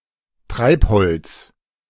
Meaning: driftwood
- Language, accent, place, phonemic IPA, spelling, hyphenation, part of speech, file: German, Germany, Berlin, /ˈtʁaɪ̯phɔlts/, Treibholz, Treib‧holz, noun, De-Treibholz.ogg